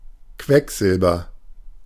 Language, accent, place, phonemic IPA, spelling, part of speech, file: German, Germany, Berlin, /ˈkvɛkˌzɪlbɐ/, Quecksilber, noun, De-Quecksilber.ogg
- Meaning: mercury (chemical element, Hg)